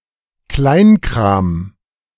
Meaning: trivialities, trivial matters
- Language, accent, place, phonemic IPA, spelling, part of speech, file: German, Germany, Berlin, /ˈklaɪ̯nˌkʁaːm/, Kleinkram, noun, De-Kleinkram.ogg